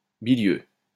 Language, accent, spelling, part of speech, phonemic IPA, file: French, France, bilieux, adjective, /bi.ljø/, LL-Q150 (fra)-bilieux.wav
- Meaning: bilious (suffering from real or supposed liver disorder)